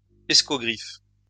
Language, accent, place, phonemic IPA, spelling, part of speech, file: French, France, Lyon, /ɛs.kɔ.ɡʁif/, escogriffe, noun, LL-Q150 (fra)-escogriffe.wav
- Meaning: beanpole (lanky man)